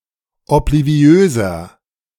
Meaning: 1. comparative degree of obliviös 2. inflection of obliviös: strong/mixed nominative masculine singular 3. inflection of obliviös: strong genitive/dative feminine singular
- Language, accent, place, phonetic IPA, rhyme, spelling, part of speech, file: German, Germany, Berlin, [ɔpliˈvi̯øːzɐ], -øːzɐ, obliviöser, adjective, De-obliviöser.ogg